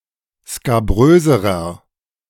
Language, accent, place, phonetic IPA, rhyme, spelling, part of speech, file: German, Germany, Berlin, [skaˈbʁøːzəʁɐ], -øːzəʁɐ, skabröserer, adjective, De-skabröserer.ogg
- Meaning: inflection of skabrös: 1. strong/mixed nominative masculine singular comparative degree 2. strong genitive/dative feminine singular comparative degree 3. strong genitive plural comparative degree